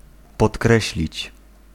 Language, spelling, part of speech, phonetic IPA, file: Polish, podkreślić, verb, [pɔtˈkrɛɕlʲit͡ɕ], Pl-podkreślić.ogg